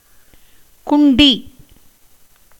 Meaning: 1. buttocks, ass, rump 2. heart 3. kidney
- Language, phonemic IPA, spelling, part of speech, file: Tamil, /kʊɳɖiː/, குண்டி, noun, Ta-குண்டி.ogg